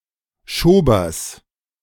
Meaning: genitive singular of Schober
- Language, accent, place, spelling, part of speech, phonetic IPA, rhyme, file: German, Germany, Berlin, Schobers, noun, [ˈʃoːbɐs], -oːbɐs, De-Schobers.ogg